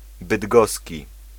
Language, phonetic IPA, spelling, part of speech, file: Polish, [bɨdˈɡɔsʲci], bydgoski, adjective, Pl-bydgoski.ogg